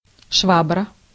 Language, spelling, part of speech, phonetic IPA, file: Russian, швабра, noun, [ˈʂvabrə], Ru-швабра.ogg
- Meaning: 1. mop (implement for washing floors) 2. woman, such as seen from an utilitarian point of view